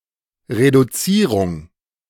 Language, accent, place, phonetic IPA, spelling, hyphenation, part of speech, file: German, Germany, Berlin, [ʁeduˈt͡siːʁʊŋ], Reduzierung, Re‧du‧zie‧rung, noun, De-Reduzierung.ogg
- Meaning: reduction